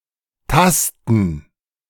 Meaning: to feel with the hands, to fumble, to grope
- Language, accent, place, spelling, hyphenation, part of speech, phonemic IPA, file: German, Germany, Berlin, tasten, tas‧ten, verb, /ˈtastən/, De-tasten.ogg